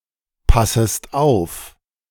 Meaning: second-person singular subjunctive I of aufpassen
- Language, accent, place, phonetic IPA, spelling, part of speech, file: German, Germany, Berlin, [ˌpasəst ˈaʊ̯f], passest auf, verb, De-passest auf.ogg